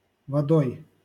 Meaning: instrumental singular of вода́ (vodá)
- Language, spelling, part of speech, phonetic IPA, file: Russian, водой, noun, [vɐˈdoj], LL-Q7737 (rus)-водой.wav